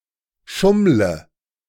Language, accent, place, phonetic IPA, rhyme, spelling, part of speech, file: German, Germany, Berlin, [ˈʃʊmlə], -ʊmlə, schummle, verb, De-schummle.ogg
- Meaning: inflection of schummeln: 1. first-person singular present 2. first/third-person singular subjunctive I 3. singular imperative